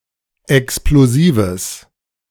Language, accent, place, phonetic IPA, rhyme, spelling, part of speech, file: German, Germany, Berlin, [ɛksploˈziːvəs], -iːvəs, explosives, adjective, De-explosives.ogg
- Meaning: strong/mixed nominative/accusative neuter singular of explosiv